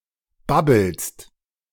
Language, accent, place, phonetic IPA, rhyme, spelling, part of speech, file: German, Germany, Berlin, [ˈbabl̩st], -abl̩st, babbelst, verb, De-babbelst.ogg
- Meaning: second-person singular present of babbeln